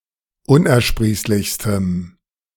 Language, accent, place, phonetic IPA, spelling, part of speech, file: German, Germany, Berlin, [ˈʊnʔɛɐ̯ˌʃpʁiːslɪçstəm], unersprießlichstem, adjective, De-unersprießlichstem.ogg
- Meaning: strong dative masculine/neuter singular superlative degree of unersprießlich